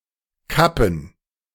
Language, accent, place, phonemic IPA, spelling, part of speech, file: German, Germany, Berlin, /ˈkapən/, kappen, verb, De-kappen.ogg
- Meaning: to cut down so as to make unusable; to cut off; to interrupt